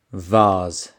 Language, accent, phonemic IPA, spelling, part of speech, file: English, UK, /vɑːz/, vase, noun / verb, En-gb-vase.ogg
- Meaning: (noun) 1. An upright open container used mainly for displaying fresh, dried, or artificial flowers 2. The body of the Corinthian capital; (verb) To place in a vase or similar container